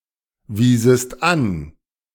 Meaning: second-person singular subjunctive II of anweisen
- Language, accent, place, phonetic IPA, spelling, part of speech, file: German, Germany, Berlin, [ˌviːzəst ˈan], wiesest an, verb, De-wiesest an.ogg